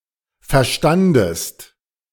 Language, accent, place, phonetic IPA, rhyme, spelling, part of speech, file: German, Germany, Berlin, [fɛɐ̯ˈʃtandəst], -andəst, verstandest, verb, De-verstandest.ogg
- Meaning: second-person singular preterite of verstehen